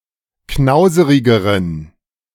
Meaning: inflection of knauserig: 1. strong genitive masculine/neuter singular comparative degree 2. weak/mixed genitive/dative all-gender singular comparative degree
- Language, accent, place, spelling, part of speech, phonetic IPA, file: German, Germany, Berlin, knauserigeren, adjective, [ˈknaʊ̯zəʁɪɡəʁən], De-knauserigeren.ogg